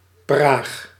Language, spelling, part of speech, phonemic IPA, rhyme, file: Dutch, Praag, proper noun, /praːx/, -aːx, Nl-Praag.ogg
- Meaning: Prague (the capital city of the Czech Republic)